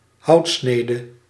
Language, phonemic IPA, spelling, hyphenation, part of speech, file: Dutch, /ˈhɑutsnedə/, houtsnede, hout‧sne‧de, noun, Nl-houtsnede.ogg
- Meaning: woodcut, wood engraving